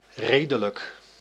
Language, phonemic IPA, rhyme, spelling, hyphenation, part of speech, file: Dutch, /ˈreːdələk/, -eːdələk, redelijk, re‧de‧lijk, adjective / adverb, Nl-redelijk.ogg
- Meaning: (adjective) reasonable; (adverb) reasonably, fairly, rather